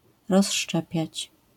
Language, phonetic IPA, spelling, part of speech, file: Polish, [rɔsˈʃt͡ʃɛpʲjät͡ɕ], rozszczepiać, verb, LL-Q809 (pol)-rozszczepiać.wav